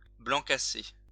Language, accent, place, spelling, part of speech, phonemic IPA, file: French, France, Lyon, blanc cassé, adjective / noun, /blɑ̃ ka.se/, LL-Q150 (fra)-blanc cassé.wav
- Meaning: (adjective) off-white (of a very pale colour that is almost white); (noun) off-white (a very pale colour that is almost white)